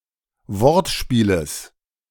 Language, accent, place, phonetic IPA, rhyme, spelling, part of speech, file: German, Germany, Berlin, [ˈvɔʁtˌʃpiːləs], -ɔʁtʃpiːləs, Wortspieles, noun, De-Wortspieles.ogg
- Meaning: genitive singular of Wortspiel